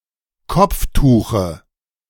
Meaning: dative singular of Kopftuch
- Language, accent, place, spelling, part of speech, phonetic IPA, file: German, Germany, Berlin, Kopftuche, noun, [ˈkɔp͡fˌtuːxə], De-Kopftuche.ogg